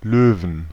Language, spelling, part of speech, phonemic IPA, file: German, Löwen, noun / proper noun, /ˈløːvn/, De-Löwen.ogg
- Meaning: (noun) inflection of Löwe: 1. genitive/accusative/dative singular 2. all-case plural; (proper noun) Louvain (a city in Belgium)